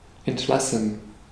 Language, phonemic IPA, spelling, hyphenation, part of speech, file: German, /ˌɛntˈlasn̩/, entlassen, ent‧las‧sen, verb, De-entlassen.ogg
- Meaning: 1. to release 2. to dismiss 3. to dismiss: to fire, to sack (to dismiss without statutory notice period)